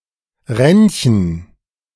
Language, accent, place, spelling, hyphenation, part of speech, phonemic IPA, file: German, Germany, Berlin, Renchen, Ren‧chen, proper noun, /ˈʁɛnçn̩/, De-Renchen.ogg
- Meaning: a town in Baden-Württemberg, Germany